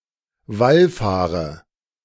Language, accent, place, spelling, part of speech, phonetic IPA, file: German, Germany, Berlin, wallfahre, verb, [ˈvalˌfaːʁə], De-wallfahre.ogg
- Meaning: inflection of wallfahren: 1. first-person singular present 2. first/third-person singular subjunctive I 3. singular imperative